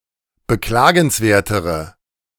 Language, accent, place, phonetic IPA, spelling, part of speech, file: German, Germany, Berlin, [bəˈklaːɡn̩sˌveːɐ̯təʁə], beklagenswertere, adjective, De-beklagenswertere.ogg
- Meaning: inflection of beklagenswert: 1. strong/mixed nominative/accusative feminine singular comparative degree 2. strong nominative/accusative plural comparative degree